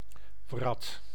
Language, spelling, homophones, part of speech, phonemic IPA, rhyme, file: Dutch, wrat, vrat, noun, /vrɑt/, -ɑt, Nl-wrat.ogg
- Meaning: wart (type of growth occurring on the skin)